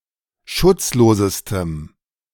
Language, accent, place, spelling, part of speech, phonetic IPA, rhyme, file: German, Germany, Berlin, schutzlosestem, adjective, [ˈʃʊt͡sˌloːzəstəm], -ʊt͡sloːzəstəm, De-schutzlosestem.ogg
- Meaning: strong dative masculine/neuter singular superlative degree of schutzlos